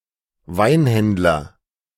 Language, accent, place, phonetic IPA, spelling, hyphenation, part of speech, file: German, Germany, Berlin, [ˈvaɪ̯nˌhɛndlɐ], Weinhändler, Wein‧händ‧ler, noun, De-Weinhändler.ogg
- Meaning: wine merchant, winemonger, a seller of wine